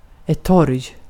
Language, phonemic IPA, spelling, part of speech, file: Swedish, /tɔrj/, torg, noun, Sv-torg.ogg
- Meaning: city square, market, plaza